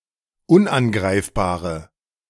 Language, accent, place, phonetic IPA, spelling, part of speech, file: German, Germany, Berlin, [ˈʊnʔanˌɡʁaɪ̯fbaːʁə], unangreifbare, adjective, De-unangreifbare.ogg
- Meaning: inflection of unangreifbar: 1. strong/mixed nominative/accusative feminine singular 2. strong nominative/accusative plural 3. weak nominative all-gender singular